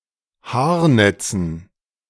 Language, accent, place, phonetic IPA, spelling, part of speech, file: German, Germany, Berlin, [ˈhaːɐ̯ˌnɛt͡sn̩], Haarnetzen, noun, De-Haarnetzen.ogg
- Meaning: dative plural of Haarnetz